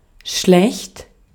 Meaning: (adjective) 1. bad, evil, wicked (the opposite of good; immoral) 2. bad (unskilled; of limited ability) 3. bad (unhealthy, unwell) 4. bad (of poor physical appearance)
- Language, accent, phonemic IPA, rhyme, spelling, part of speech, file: German, Austria, /ʃlɛçt/, -ɛçt, schlecht, adjective / adverb, De-at-schlecht.ogg